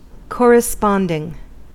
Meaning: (verb) present participle and gerund of correspond; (noun) A correspondence; the situation where things correspond or match; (adjective) that have a similar relationship
- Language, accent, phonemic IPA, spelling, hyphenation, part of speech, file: English, US, /ˌkɔɹəˈspɑndɪŋ/, corresponding, cor‧res‧pond‧ing, verb / noun / adjective, En-us-corresponding.ogg